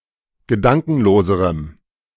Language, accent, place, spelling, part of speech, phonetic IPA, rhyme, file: German, Germany, Berlin, gedankenloserem, adjective, [ɡəˈdaŋkn̩loːzəʁəm], -aŋkn̩loːzəʁəm, De-gedankenloserem.ogg
- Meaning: strong dative masculine/neuter singular comparative degree of gedankenlos